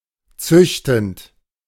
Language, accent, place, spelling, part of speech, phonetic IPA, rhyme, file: German, Germany, Berlin, züchtend, verb, [ˈt͡sʏçtn̩t], -ʏçtn̩t, De-züchtend.ogg
- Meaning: present participle of züchten